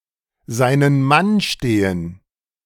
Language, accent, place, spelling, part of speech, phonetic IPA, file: German, Germany, Berlin, seinen Mann stehen, phrase, [ˈzaɪ̯nən man ˈʃteːən], De-seinen Mann stehen.ogg
- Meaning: to stand one's ground